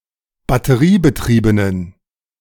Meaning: inflection of batteriebetrieben: 1. strong genitive masculine/neuter singular 2. weak/mixed genitive/dative all-gender singular 3. strong/weak/mixed accusative masculine singular
- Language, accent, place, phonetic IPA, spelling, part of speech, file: German, Germany, Berlin, [batəˈʁiːbəˌtʁiːbənən], batteriebetriebenen, adjective, De-batteriebetriebenen.ogg